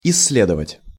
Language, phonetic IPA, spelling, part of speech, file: Russian, [ɪs⁽ʲ⁾ːˈlʲedəvətʲ], исследовать, verb, Ru-исследовать.ogg
- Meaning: to research, to study in detail